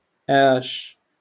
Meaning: what?
- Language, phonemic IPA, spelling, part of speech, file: Moroccan Arabic, /ʔaːʃ/, آش, adverb, LL-Q56426 (ary)-آش.wav